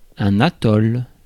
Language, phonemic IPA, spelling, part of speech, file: French, /a.tɔl/, atoll, noun, Fr-atoll.ogg
- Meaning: atoll